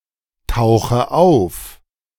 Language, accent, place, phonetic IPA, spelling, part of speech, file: German, Germany, Berlin, [ˌtaʊ̯xə ˈaʊ̯f], tauche auf, verb, De-tauche auf.ogg
- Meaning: inflection of auftauchen: 1. first-person singular present 2. first/third-person singular subjunctive I 3. singular imperative